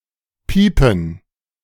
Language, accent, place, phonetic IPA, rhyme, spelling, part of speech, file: German, Germany, Berlin, [ˈpiːpn̩], -iːpn̩, Piepen, noun, De-Piepen.ogg
- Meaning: money